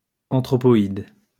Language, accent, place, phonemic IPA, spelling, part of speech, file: French, France, Lyon, /ɑ̃.tʁɔ.pɔ.id/, anthropoïde, noun, LL-Q150 (fra)-anthropoïde.wav
- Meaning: anthropoid